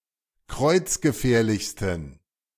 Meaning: inflection of kreuzgefährlich: 1. strong genitive masculine/neuter singular superlative degree 2. weak/mixed genitive/dative all-gender singular superlative degree
- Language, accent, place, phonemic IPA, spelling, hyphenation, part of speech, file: German, Germany, Berlin, /ˈkʁɔɪ̯t͡s̯ɡəˌfɛːɐ̯lɪçstn̩/, kreuzgefährlichsten, kreuz‧ge‧fähr‧lichs‧ten, adjective, De-kreuzgefährlichsten.ogg